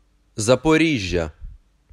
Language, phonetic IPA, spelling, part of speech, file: Ukrainian, [zɐpoˈrʲiʒʲːɐ], Запоріжжя, proper noun, Uk-Запоріжжя.ogg
- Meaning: Zaporizhzhia (an industrial city, the administrative centre of Zaporizhzhia urban hromada, Zaporizhzhia Raion and Zaporizhzhia Oblast, in south-central Ukraine, on the River Dnipro)